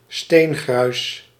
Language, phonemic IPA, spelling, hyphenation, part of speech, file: Dutch, /ˈsteːnɣrœy̯s/, steengruis, steen‧gruis, noun, Nl-steengruis.ogg
- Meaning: debris, small crushed rocks